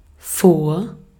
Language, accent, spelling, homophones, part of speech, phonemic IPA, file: German, Austria, vor, Fort, preposition, /foːr/, De-at-vor.ogg
- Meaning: 1. in front of, ahead of (relative location in space) 2. before, prior to, ahead of (relative location in time) 3. ago (location in the past relative to the present)